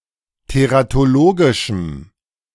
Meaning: strong dative masculine/neuter singular of teratologisch
- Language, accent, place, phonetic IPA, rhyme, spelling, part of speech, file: German, Germany, Berlin, [teʁatoˈloːɡɪʃm̩], -oːɡɪʃm̩, teratologischem, adjective, De-teratologischem.ogg